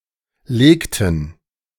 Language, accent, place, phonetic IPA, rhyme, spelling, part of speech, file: German, Germany, Berlin, [ˈleːktn̩], -eːktn̩, legten, verb, De-legten.ogg
- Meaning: inflection of legen: 1. first/third-person plural preterite 2. first/third-person plural subjunctive II